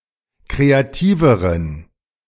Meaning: inflection of kreativ: 1. strong genitive masculine/neuter singular comparative degree 2. weak/mixed genitive/dative all-gender singular comparative degree
- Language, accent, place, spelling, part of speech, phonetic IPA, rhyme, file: German, Germany, Berlin, kreativeren, adjective, [ˌkʁeaˈtiːvəʁən], -iːvəʁən, De-kreativeren.ogg